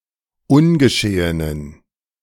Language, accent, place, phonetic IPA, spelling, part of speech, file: German, Germany, Berlin, [ˈʊnɡəˌʃeːənən], ungeschehenen, adjective, De-ungeschehenen.ogg
- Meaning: inflection of ungeschehen: 1. strong genitive masculine/neuter singular 2. weak/mixed genitive/dative all-gender singular 3. strong/weak/mixed accusative masculine singular 4. strong dative plural